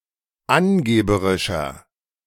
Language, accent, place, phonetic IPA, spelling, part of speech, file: German, Germany, Berlin, [ˈanˌɡeːbəʁɪʃɐ], angeberischer, adjective, De-angeberischer.ogg
- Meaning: 1. comparative degree of angeberisch 2. inflection of angeberisch: strong/mixed nominative masculine singular 3. inflection of angeberisch: strong genitive/dative feminine singular